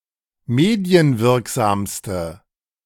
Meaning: inflection of medienwirksam: 1. strong/mixed nominative/accusative feminine singular superlative degree 2. strong nominative/accusative plural superlative degree
- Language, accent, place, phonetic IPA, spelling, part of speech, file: German, Germany, Berlin, [ˈmeːdi̯ənˌvɪʁkzaːmstə], medienwirksamste, adjective, De-medienwirksamste.ogg